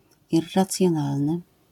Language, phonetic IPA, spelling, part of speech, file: Polish, [ˌirːat͡sʲjɔ̃ˈnalnɨ], irracjonalny, adjective, LL-Q809 (pol)-irracjonalny.wav